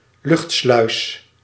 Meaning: airlock (pressure chamber between aerobic and vacuum areas)
- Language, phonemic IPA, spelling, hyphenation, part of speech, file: Dutch, /ˈlʏxt.slœy̯s/, luchtsluis, lucht‧sluis, noun, Nl-luchtsluis.ogg